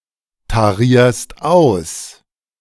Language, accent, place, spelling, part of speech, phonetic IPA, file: German, Germany, Berlin, tarierst aus, verb, [taˌʁiːɐ̯st ˈaʊ̯s], De-tarierst aus.ogg
- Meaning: second-person singular present of austarieren